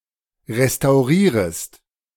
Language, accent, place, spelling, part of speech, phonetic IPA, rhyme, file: German, Germany, Berlin, restaurierest, verb, [ʁestaʊ̯ˈʁiːʁəst], -iːʁəst, De-restaurierest.ogg
- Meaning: second-person singular subjunctive I of restaurieren